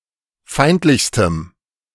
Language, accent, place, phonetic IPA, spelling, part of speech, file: German, Germany, Berlin, [ˈfaɪ̯ntlɪçstəm], feindlichstem, adjective, De-feindlichstem.ogg
- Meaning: strong dative masculine/neuter singular superlative degree of feindlich